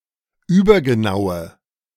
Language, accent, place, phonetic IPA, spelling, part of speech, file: German, Germany, Berlin, [ˈyːbɐɡəˌnaʊ̯ə], übergenaue, adjective, De-übergenaue.ogg
- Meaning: inflection of übergenau: 1. strong/mixed nominative/accusative feminine singular 2. strong nominative/accusative plural 3. weak nominative all-gender singular